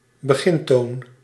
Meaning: keynote
- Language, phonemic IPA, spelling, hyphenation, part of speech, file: Dutch, /bəˈɣɪnˌtoːn/, begintoon, be‧gin‧toon, noun, Nl-begintoon.ogg